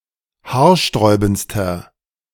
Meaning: inflection of haarsträubend: 1. strong/mixed nominative masculine singular superlative degree 2. strong genitive/dative feminine singular superlative degree
- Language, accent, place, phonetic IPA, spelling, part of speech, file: German, Germany, Berlin, [ˈhaːɐ̯ˌʃtʁɔɪ̯bn̩t͡stɐ], haarsträubendster, adjective, De-haarsträubendster.ogg